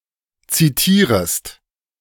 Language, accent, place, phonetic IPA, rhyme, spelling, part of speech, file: German, Germany, Berlin, [ˌt͡siˈtiːʁəst], -iːʁəst, zitierest, verb, De-zitierest.ogg
- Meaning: second-person singular subjunctive I of zitieren